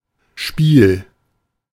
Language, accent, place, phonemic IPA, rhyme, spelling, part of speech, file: German, Germany, Berlin, /ʃpiːl/, -iːl, Spiel, noun, De-Spiel.ogg
- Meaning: 1. a game (instance or way of playing) 2. gameplay, the experience or act of playing 3. backlash, lash, play, slack (certain looseness of components, often intended) 4. leeway, wiggle room